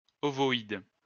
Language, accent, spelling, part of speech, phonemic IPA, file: French, France, ovoïde, adjective, /ɔ.vɔ.id/, LL-Q150 (fra)-ovoïde.wav
- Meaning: ovoid